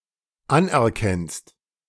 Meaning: second-person singular dependent present of anerkennen
- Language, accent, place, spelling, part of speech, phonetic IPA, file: German, Germany, Berlin, anerkennst, verb, [ˈanʔɛɐ̯ˌkɛnst], De-anerkennst.ogg